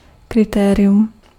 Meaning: criterion
- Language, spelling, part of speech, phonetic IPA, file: Czech, kritérium, noun, [ˈkrɪtɛːrɪjum], Cs-kritérium.ogg